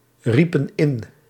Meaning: inflection of inroepen: 1. plural past indicative 2. plural past subjunctive
- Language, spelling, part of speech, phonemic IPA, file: Dutch, riepen in, verb, /ˈripə(n) ˈɪn/, Nl-riepen in.ogg